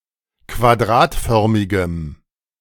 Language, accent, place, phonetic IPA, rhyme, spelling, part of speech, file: German, Germany, Berlin, [kvaˈdʁaːtˌfœʁmɪɡəm], -aːtfœʁmɪɡəm, quadratförmigem, adjective, De-quadratförmigem.ogg
- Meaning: strong dative masculine/neuter singular of quadratförmig